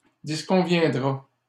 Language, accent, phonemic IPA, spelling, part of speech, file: French, Canada, /dis.kɔ̃.vjɛ̃.dʁa/, disconviendra, verb, LL-Q150 (fra)-disconviendra.wav
- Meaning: third-person singular simple future of disconvenir